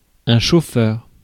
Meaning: 1. stoker; fireman 2. driver 3. chauffeur (private driver)
- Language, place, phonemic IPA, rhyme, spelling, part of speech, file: French, Paris, /ʃo.fœʁ/, -œʁ, chauffeur, noun, Fr-chauffeur.ogg